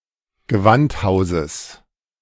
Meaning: genitive singular of Gewandhaus
- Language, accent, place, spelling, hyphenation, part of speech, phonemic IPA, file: German, Germany, Berlin, Gewandhauses, Ge‧wand‧hau‧ses, noun, /ɡəˈvantˌhaʊ̯zəs/, De-Gewandhauses.ogg